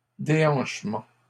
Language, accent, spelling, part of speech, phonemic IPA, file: French, Canada, déhanchement, noun, /de.ɑ̃ʃ.mɑ̃/, LL-Q150 (fra)-déhanchement.wav
- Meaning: 1. lopsidedness 2. swaying hips